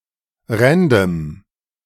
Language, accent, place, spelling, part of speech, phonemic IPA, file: German, Germany, Berlin, random, adjective, /ˈʁɛndəm/, De-random.ogg
- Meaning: 1. random (selected for no particular reason) 2. random (apropos of nothing, lacking context) 3. random (often saying random things)